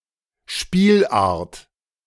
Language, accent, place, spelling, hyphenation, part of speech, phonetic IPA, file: German, Germany, Berlin, Spielart, Spiel‧art, noun, [ˈʃpiːlʔaʁt], De-Spielart.ogg
- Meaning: 1. variety, version 2. sport (variant form)